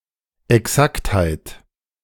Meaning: exactness
- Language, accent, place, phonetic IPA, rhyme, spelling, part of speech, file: German, Germany, Berlin, [ɛˈksakthaɪ̯t], -akthaɪ̯t, Exaktheit, noun, De-Exaktheit2.ogg